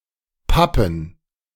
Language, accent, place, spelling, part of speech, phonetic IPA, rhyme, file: German, Germany, Berlin, Pappen, noun, [ˈpapn̩], -apn̩, De-Pappen.ogg
- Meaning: plural of Pappe